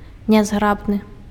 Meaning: clumsy
- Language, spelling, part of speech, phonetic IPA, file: Belarusian, нязграбны, adjective, [nʲazˈɡrabnɨ], Be-нязграбны.ogg